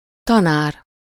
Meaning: teacher (especially as an occupation; usually teaching children over ten, specialized in certain subjects)
- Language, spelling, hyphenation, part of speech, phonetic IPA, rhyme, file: Hungarian, tanár, ta‧nár, noun, [ˈtɒnaːr], -aːr, Hu-tanár.ogg